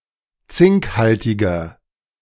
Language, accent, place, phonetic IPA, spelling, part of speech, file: German, Germany, Berlin, [ˈt͡sɪŋkˌhaltɪɡɐ], zinkhaltiger, adjective, De-zinkhaltiger.ogg
- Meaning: inflection of zinkhaltig: 1. strong/mixed nominative masculine singular 2. strong genitive/dative feminine singular 3. strong genitive plural